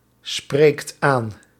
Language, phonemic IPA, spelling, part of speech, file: Dutch, /ˈsprekt ˈan/, spreekt aan, verb, Nl-spreekt aan.ogg
- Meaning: inflection of aanspreken: 1. second/third-person singular present indicative 2. plural imperative